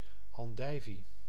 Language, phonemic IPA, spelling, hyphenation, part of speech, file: Dutch, /ˌɑnˈdɛi̯.vi/, andijvie, an‧dij‧vie, noun, Nl-andijvie.ogg
- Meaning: endive (Cichorium endivia, a vegetable)